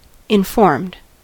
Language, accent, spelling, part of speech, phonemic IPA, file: English, US, informed, verb / adjective, /ɪnˈfɔɹmd/, En-us-informed.ogg
- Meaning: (verb) simple past and past participle of inform; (adjective) 1. Instructed; having knowledge of a fact or area of education 2. Based on knowledge; founded on due understanding of a situation